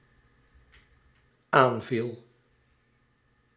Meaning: singular dependent-clause past indicative of aanvallen
- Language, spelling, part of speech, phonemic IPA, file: Dutch, aanviel, verb, /ˈaɱvil/, Nl-aanviel.ogg